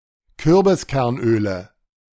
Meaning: 1. nominative/accusative/genitive plural of Kürbiskernöl 2. dative of Kürbiskernöl
- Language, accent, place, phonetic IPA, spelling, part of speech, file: German, Germany, Berlin, [ˈkʏʁbɪskɛʁnˌʔøːlə], Kürbiskernöle, noun, De-Kürbiskernöle.ogg